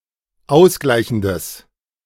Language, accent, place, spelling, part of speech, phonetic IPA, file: German, Germany, Berlin, ausgleichendes, adjective, [ˈaʊ̯sˌɡlaɪ̯çn̩dəs], De-ausgleichendes.ogg
- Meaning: strong/mixed nominative/accusative neuter singular of ausgleichend